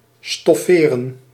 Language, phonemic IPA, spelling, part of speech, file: Dutch, /stɔˈferə(n)/, stofferen, verb, Nl-stofferen.ogg
- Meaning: to upholster